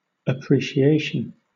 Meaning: 1. The act of appreciating 2. A fair valuation or estimate of merit, worth, weight, etc.; recognition of excellence; gratitude and esteem 3. Accurate perception; true estimation 4. A rise in value
- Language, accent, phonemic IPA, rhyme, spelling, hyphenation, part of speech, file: English, Southern England, /əˌpɹiː.ʃiˈeɪ.ʃən/, -eɪʃən, appreciation, ap‧pre‧ci‧a‧tion, noun, LL-Q1860 (eng)-appreciation.wav